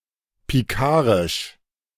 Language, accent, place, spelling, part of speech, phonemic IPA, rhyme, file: German, Germany, Berlin, pikarisch, adjective, /piˈkaːʁɪʃ/, -aːʁɪʃ, De-pikarisch.ogg
- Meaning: picaresque